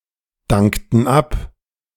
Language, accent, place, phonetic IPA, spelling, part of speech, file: German, Germany, Berlin, [ˌdaŋktn̩ ˈap], dankten ab, verb, De-dankten ab.ogg
- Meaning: inflection of abdanken: 1. first/third-person plural preterite 2. first/third-person plural subjunctive II